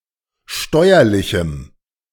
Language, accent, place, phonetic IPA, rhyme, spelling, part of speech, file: German, Germany, Berlin, [ˈʃtɔɪ̯ɐlɪçm̩], -ɔɪ̯ɐlɪçm̩, steuerlichem, adjective, De-steuerlichem.ogg
- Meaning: strong dative masculine/neuter singular of steuerlich